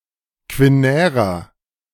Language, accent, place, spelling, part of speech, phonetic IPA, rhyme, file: German, Germany, Berlin, quinärer, adjective, [kvɪˈnɛːʁɐ], -ɛːʁɐ, De-quinärer.ogg
- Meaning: inflection of quinär: 1. strong/mixed nominative masculine singular 2. strong genitive/dative feminine singular 3. strong genitive plural